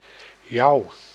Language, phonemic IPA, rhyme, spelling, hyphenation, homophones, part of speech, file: Dutch, /jɑu̯/, -ɑu̯, jouw, jouw, jou, determiner / interjection / noun / verb, Nl-jouw.ogg
- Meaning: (determiner) your; second-person singular possessive determiner; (interjection) Expression of scorn; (noun) a jeer; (verb) inflection of jouwen: first-person singular present indicative